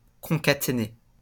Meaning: to concatenate
- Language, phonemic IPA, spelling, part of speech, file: French, /kɔ̃.ka.te.ne/, concaténer, verb, LL-Q150 (fra)-concaténer.wav